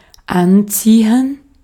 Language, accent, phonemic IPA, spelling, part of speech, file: German, Austria, /ˈantsiːən/, anziehen, verb, De-at-anziehen.ogg
- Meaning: senses related to dressing: 1. to get dressed 2. to dress (in a specific manner) 3. to put on; to dress oneself in 4. to dress (someone)